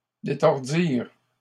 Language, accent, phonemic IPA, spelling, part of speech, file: French, Canada, /de.tɔʁ.diʁ/, détordirent, verb, LL-Q150 (fra)-détordirent.wav
- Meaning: third-person plural past historic of détordre